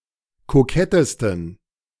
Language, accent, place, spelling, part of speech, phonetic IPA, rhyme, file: German, Germany, Berlin, kokettesten, adjective, [koˈkɛtəstn̩], -ɛtəstn̩, De-kokettesten.ogg
- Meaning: 1. superlative degree of kokett 2. inflection of kokett: strong genitive masculine/neuter singular superlative degree